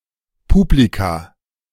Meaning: plural of Publikum
- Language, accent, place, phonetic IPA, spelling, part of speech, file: German, Germany, Berlin, [ˈpuːblika], Publika, noun, De-Publika.ogg